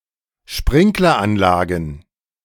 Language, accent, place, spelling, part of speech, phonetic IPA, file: German, Germany, Berlin, Sprinkleranlagen, noun, [ˈʃpʁɪŋklɐˌʔanlaːɡn̩], De-Sprinkleranlagen.ogg
- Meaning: plural of Sprinkleranlage